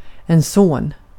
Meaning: a son
- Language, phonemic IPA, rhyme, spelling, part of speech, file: Swedish, /soːn/, -oːn, son, noun, Sv-son.ogg